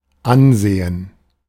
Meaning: 1. gerund of ansehen 2. prestige, authoritativeness 3. renown
- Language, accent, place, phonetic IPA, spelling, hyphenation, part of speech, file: German, Germany, Berlin, [ˈanˌzeːn], Ansehen, An‧se‧hen, noun, De-Ansehen.ogg